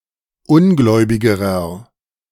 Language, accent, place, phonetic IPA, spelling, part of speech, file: German, Germany, Berlin, [ˈʊnˌɡlɔɪ̯bɪɡəʁɐ], ungläubigerer, adjective, De-ungläubigerer.ogg
- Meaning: inflection of ungläubig: 1. strong/mixed nominative masculine singular comparative degree 2. strong genitive/dative feminine singular comparative degree 3. strong genitive plural comparative degree